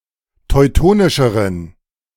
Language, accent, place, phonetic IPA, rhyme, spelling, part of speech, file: German, Germany, Berlin, [tɔɪ̯ˈtoːnɪʃəʁən], -oːnɪʃəʁən, teutonischeren, adjective, De-teutonischeren.ogg
- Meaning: inflection of teutonisch: 1. strong genitive masculine/neuter singular comparative degree 2. weak/mixed genitive/dative all-gender singular comparative degree